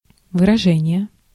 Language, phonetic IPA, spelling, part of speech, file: Russian, [vɨrɐˈʐɛnʲɪje], выражение, noun, Ru-выражение.ogg
- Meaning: 1. act of expressing something, mostly one's feelings or thoughts 2. face expression 3. phrase, sentence 4. expression